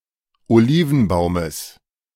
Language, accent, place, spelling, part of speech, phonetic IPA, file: German, Germany, Berlin, Olivenbaumes, noun, [oˈliːvn̩ˌbaʊ̯məs], De-Olivenbaumes.ogg
- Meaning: genitive of Olivenbaum